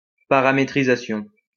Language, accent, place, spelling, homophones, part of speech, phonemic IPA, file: French, France, Lyon, paramétrisation, paramétrisations, noun, /pa.ʁa.me.tʁi.za.sjɔ̃/, LL-Q150 (fra)-paramétrisation.wav
- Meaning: parametrisation